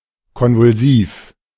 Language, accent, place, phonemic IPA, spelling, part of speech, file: German, Germany, Berlin, /ˌkɔnvʊlˈziːf/, konvulsiv, adjective, De-konvulsiv.ogg
- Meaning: convulsive